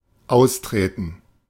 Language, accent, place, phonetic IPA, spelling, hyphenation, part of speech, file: German, Germany, Berlin, [ˈʔausˌtʁeːtn̩], austreten, aus‧tre‧ten, verb, De-austreten.ogg
- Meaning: 1. to leave, retire from, quit 2. to stamp out (a fire, etc.) 3. to go (to the bathroom), to use the toilet